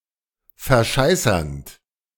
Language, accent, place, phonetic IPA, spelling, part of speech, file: German, Germany, Berlin, [fɛɐ̯ˈʃaɪ̯sɐnt], verscheißernd, verb, De-verscheißernd.ogg
- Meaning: present participle of verscheißern